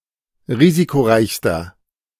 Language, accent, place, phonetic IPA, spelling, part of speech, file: German, Germany, Berlin, [ˈʁiːzikoˌʁaɪ̯çstɐ], risikoreichster, adjective, De-risikoreichster.ogg
- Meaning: inflection of risikoreich: 1. strong/mixed nominative masculine singular superlative degree 2. strong genitive/dative feminine singular superlative degree 3. strong genitive plural superlative degree